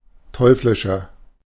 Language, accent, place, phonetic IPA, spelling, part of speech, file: German, Germany, Berlin, [ˈtɔɪ̯flɪʃɐ], teuflischer, adjective, De-teuflischer.ogg
- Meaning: 1. comparative degree of teuflisch 2. inflection of teuflisch: strong/mixed nominative masculine singular 3. inflection of teuflisch: strong genitive/dative feminine singular